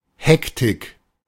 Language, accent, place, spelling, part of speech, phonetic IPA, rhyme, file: German, Germany, Berlin, Hektik, noun, [ˈhɛktɪk], -ɛktɪk, De-Hektik.ogg
- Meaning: hecticness, bustle